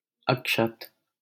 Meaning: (adjective) 1. unbroken, uninjured, intact 2. whole, complete 3. chaste, virgin; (noun) unbroken rice grain, used in rituals; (proper noun) a male given name, Akshat, from Sanskrit
- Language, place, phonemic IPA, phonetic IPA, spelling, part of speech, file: Hindi, Delhi, /ək.ʂət̪/, [ɐk.ʃɐt̪], अक्षत, adjective / noun / proper noun, LL-Q1568 (hin)-अक्षत.wav